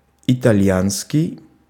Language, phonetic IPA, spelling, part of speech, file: Russian, [ɪtɐˈlʲjanskʲɪj], итальянский, adjective, Ru-итальянский.ogg
- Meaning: Italian